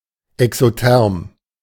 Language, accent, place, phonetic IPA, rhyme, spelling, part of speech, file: German, Germany, Berlin, [ɛksoˈtɛʁm], -ɛʁm, exotherm, adjective, De-exotherm.ogg
- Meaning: exothermic